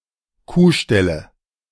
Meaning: nominative/accusative/genitive plural of Kuhstall
- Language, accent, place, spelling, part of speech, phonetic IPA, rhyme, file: German, Germany, Berlin, Kuhställe, noun, [ˈkuːˌʃtɛlə], -uːʃtɛlə, De-Kuhställe.ogg